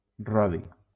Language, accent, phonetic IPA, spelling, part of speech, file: Catalan, Valencia, [ˈrɔ.ði], rodi, adjective / noun / verb, LL-Q7026 (cat)-rodi.wav
- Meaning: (adjective) Rhodian (of, from or relating to the island of Rhodes, South Aegean Region, Greece)